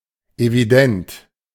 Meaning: evident
- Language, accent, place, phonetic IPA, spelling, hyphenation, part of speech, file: German, Germany, Berlin, [eviˈdɛnt], evident, evi‧dent, adjective, De-evident.ogg